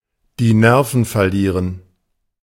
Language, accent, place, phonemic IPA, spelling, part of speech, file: German, Germany, Berlin, /diː ˈnɛʁfn̩ fɛɐ̯ˈliːʁən/, die Nerven verlieren, verb, De-die Nerven verlieren.ogg
- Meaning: to lose one's cool